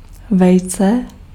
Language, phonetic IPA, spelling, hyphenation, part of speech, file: Czech, [ˈvɛjt͡sɛ], vejce, vej‧ce, noun, Cs-vejce.ogg
- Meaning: egg